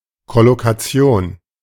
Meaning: collocation (grouping or juxtaposition of words that commonly occur together)
- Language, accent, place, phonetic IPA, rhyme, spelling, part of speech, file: German, Germany, Berlin, [kɔlokaˈt͡si̯oːn], -oːn, Kollokation, noun, De-Kollokation.ogg